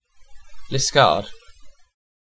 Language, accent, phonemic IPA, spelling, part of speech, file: English, UK, /lɪsˈkɑːɹd/, Liskeard, proper noun, En-uk-Liskeard.ogg
- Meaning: A market town and civil parish with a town council in east Cornwall, England (OS grid ref SX2564)